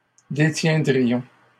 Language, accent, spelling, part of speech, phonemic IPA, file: French, Canada, détiendrions, verb, /de.tjɛ̃.dʁi.jɔ̃/, LL-Q150 (fra)-détiendrions.wav
- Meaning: first-person plural conditional of détenir